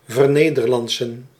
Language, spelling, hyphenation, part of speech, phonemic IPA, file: Dutch, vernederlandsen, ver‧ne‧der‧land‧sen, verb, /vərˈneː.dərˌlɑnt.sə(n)/, Nl-vernederlandsen.ogg
- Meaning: 1. to become Dutch(-speaking), to assimilate into Dutch(-speaking) society 2. to make Dutch, to Dutchify